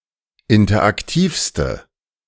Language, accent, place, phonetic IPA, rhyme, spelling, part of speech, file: German, Germany, Berlin, [ˌɪntɐʔakˈtiːfstə], -iːfstə, interaktivste, adjective, De-interaktivste.ogg
- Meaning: inflection of interaktiv: 1. strong/mixed nominative/accusative feminine singular superlative degree 2. strong nominative/accusative plural superlative degree